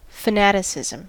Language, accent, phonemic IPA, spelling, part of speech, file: English, US, /fəˈnæɾ.ɪ.sɪ.zm̩/, fanaticism, noun, En-us-fanaticism.ogg
- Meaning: The characteristic or practice of being a fanatic